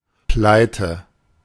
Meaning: broke
- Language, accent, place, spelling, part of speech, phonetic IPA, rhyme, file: German, Germany, Berlin, pleite, adjective, [ˈplaɪ̯tə], -aɪ̯tə, De-pleite.ogg